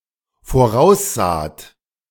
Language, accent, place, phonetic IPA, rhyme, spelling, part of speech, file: German, Germany, Berlin, [foˈʁaʊ̯sˌzaːt], -aʊ̯szaːt, voraussaht, verb, De-voraussaht.ogg
- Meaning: second-person plural dependent preterite of voraussehen